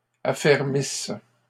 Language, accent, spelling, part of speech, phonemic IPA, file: French, Canada, affermisse, verb, /a.fɛʁ.mis/, LL-Q150 (fra)-affermisse.wav
- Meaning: inflection of affermir: 1. first/third-person singular present subjunctive 2. first-person singular imperfect subjunctive